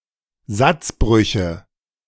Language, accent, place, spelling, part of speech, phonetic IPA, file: German, Germany, Berlin, Satzbrüche, noun, [ˈzat͡sˌbʁʏçə], De-Satzbrüche.ogg
- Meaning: nominative/accusative/genitive plural of Satzbruch